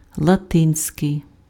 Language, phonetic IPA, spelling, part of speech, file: Ukrainian, [ɫɐˈtɪnʲsʲkei̯], латинський, adjective, Uk-латинський.ogg
- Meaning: Latin